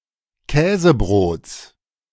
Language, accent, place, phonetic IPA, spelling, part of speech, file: German, Germany, Berlin, [ˈkɛːzəˌbʁoːt͡s], Käsebrots, noun, De-Käsebrots.ogg
- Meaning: genitive singular of Käsebrot